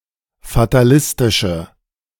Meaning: inflection of fatalistisch: 1. strong/mixed nominative/accusative feminine singular 2. strong nominative/accusative plural 3. weak nominative all-gender singular
- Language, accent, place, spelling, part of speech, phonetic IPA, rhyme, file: German, Germany, Berlin, fatalistische, adjective, [fataˈlɪstɪʃə], -ɪstɪʃə, De-fatalistische.ogg